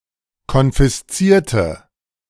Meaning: inflection of konfiszieren: 1. first/third-person singular preterite 2. first/third-person singular subjunctive II
- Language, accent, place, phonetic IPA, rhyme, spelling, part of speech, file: German, Germany, Berlin, [kɔnfɪsˈt͡siːɐ̯tə], -iːɐ̯tə, konfiszierte, adjective / verb, De-konfiszierte.ogg